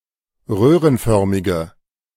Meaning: inflection of röhrenförmig: 1. strong/mixed nominative/accusative feminine singular 2. strong nominative/accusative plural 3. weak nominative all-gender singular
- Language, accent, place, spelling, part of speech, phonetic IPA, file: German, Germany, Berlin, röhrenförmige, adjective, [ˈʁøːʁənˌfœʁmɪɡə], De-röhrenförmige.ogg